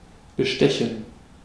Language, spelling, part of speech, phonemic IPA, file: German, bestechen, verb, /bəˈʃtɛçən/, De-bestechen.ogg
- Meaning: 1. to bribe 2. to win over 3. to captivate, to impress